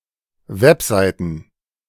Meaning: plural of Webseite
- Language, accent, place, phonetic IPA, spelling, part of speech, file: German, Germany, Berlin, [ˈvɛpˌzaɪ̯tn̩], Webseiten, noun, De-Webseiten.ogg